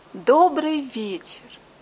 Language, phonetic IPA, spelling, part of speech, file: Russian, [ˈdobrɨj ˈvʲet͡ɕɪr], добрый вечер, interjection, Ru-добрый вечер.ogg
- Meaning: good evening